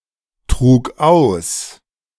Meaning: first/third-person singular preterite of austragen
- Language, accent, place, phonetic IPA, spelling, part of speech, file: German, Germany, Berlin, [ˌtʁuːk ˈaʊ̯s], trug aus, verb, De-trug aus.ogg